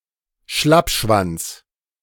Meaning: a weakling; a quitter; a limpdick
- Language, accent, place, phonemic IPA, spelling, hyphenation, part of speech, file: German, Germany, Berlin, /ˈʃlapˌʃvant͡s/, Schlappschwanz, Schlapp‧schwanz, noun, De-Schlappschwanz.ogg